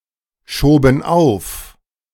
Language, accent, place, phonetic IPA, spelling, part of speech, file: German, Germany, Berlin, [ˌʃoːbn̩ ˈaʊ̯f], schoben auf, verb, De-schoben auf.ogg
- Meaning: first/third-person plural preterite of aufschieben